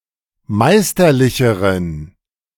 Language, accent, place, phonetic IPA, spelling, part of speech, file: German, Germany, Berlin, [ˈmaɪ̯stɐˌlɪçəʁən], meisterlicheren, adjective, De-meisterlicheren.ogg
- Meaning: inflection of meisterlich: 1. strong genitive masculine/neuter singular comparative degree 2. weak/mixed genitive/dative all-gender singular comparative degree